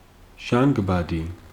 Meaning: oxygen
- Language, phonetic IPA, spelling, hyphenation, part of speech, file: Georgian, [ʒäŋɡbädi], ჟანგბადი, ჟან‧გბა‧დი, noun, Ka-ჟანგბადი.ogg